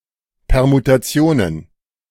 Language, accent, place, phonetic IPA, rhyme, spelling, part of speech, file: German, Germany, Berlin, [pɛʁmutaˈt͡si̯oːnən], -oːnən, Permutationen, noun, De-Permutationen.ogg
- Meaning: plural of Permutation